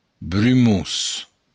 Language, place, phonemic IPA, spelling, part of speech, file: Occitan, Béarn, /bɾyˈmus/, brumós, adjective, LL-Q14185 (oci)-brumós.wav
- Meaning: foggy, misty